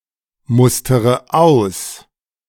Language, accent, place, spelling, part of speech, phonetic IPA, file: German, Germany, Berlin, mustere aus, verb, [ˌmʊstəʁə ˈaʊ̯s], De-mustere aus.ogg
- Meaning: inflection of ausmustern: 1. first-person singular present 2. first/third-person singular subjunctive I 3. singular imperative